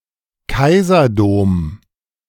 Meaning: a cathedral commissioned by a Kaiser
- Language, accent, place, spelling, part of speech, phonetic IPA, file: German, Germany, Berlin, Kaiserdom, noun, [ˈkaɪ̯zɐˌdoːm], De-Kaiserdom.ogg